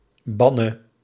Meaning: singular present subjunctive of bannen
- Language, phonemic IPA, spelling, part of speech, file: Dutch, /ˈbɑnə/, banne, noun / verb, Nl-banne.ogg